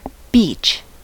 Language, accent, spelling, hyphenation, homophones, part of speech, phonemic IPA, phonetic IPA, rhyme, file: English, US, beech, beech, beach, noun, /ˈbiːt͡ʃ/, [ˈbɪi̯t͡ʃ], -iːtʃ, En-us-beech.ogg
- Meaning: 1. A tree of the genus Fagus having a smooth, light grey trunk, oval, pointed leaves, and many branches 2. The wood of the beech tree